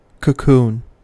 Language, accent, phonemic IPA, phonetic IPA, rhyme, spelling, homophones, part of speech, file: English, US, /kəˈkuːn/, [kʰɘ̞ˈkʰu̟ːn], -uːn, cocoon, kokoon, noun / verb, En-us-cocoon.ogg
- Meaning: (noun) 1. The silky case spun by the larvae of some insects in which they metamorphose, protecting the pupa within 2. Any similar protective case; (verb) To envelop in a protective case